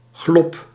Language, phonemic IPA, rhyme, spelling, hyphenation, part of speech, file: Dutch, /ɣlɔp/, -ɔp, glop, glop, noun, Nl-glop.ogg
- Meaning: 1. opening, hole, crevice 2. alley, narrow passage, narrow street 3. open space, clearing